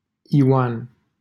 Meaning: a male given name from Hebrew, equivalent to English John
- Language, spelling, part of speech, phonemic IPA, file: Romanian, Ioan, proper noun, /joˈan/, LL-Q7913 (ron)-Ioan.wav